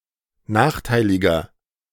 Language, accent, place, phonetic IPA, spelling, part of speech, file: German, Germany, Berlin, [ˈnaːxˌtaɪ̯lɪɡɐ], nachteiliger, adjective, De-nachteiliger.ogg
- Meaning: inflection of nachteilig: 1. strong/mixed nominative masculine singular 2. strong genitive/dative feminine singular 3. strong genitive plural